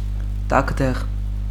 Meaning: 1. pepper (plant of the family Piperaceae) 2. pepper (plant of the genus Capsicum)
- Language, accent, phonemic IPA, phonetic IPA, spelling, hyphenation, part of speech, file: Armenian, Eastern Armenian, /tɑkʰˈdeʁ/, [tɑkʰdéʁ], տաքդեղ, տաք‧դեղ, noun, Hy-տաքդեղ.ogg